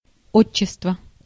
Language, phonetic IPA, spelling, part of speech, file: Russian, [ˈot͡ɕːɪstvə], отчество, noun, Ru-отчество.ogg
- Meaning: patronymic